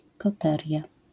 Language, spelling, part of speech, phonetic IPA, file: Polish, koteria, noun, [kɔˈtɛrʲja], LL-Q809 (pol)-koteria.wav